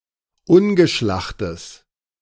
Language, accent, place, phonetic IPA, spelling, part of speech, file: German, Germany, Berlin, [ˈʊnɡəˌʃlaxtəs], ungeschlachtes, adjective, De-ungeschlachtes.ogg
- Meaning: strong/mixed nominative/accusative neuter singular of ungeschlacht